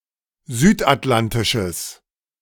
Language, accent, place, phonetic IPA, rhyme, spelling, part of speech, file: German, Germany, Berlin, [ˈzyːtʔatˌlantɪʃəs], -antɪʃəs, südatlantisches, adjective, De-südatlantisches.ogg
- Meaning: strong/mixed nominative/accusative neuter singular of südatlantisch